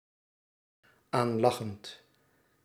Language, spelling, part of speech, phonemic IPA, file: Dutch, aanlachend, verb, /ˈanlɑxənt/, Nl-aanlachend.ogg
- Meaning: present participle of aanlachen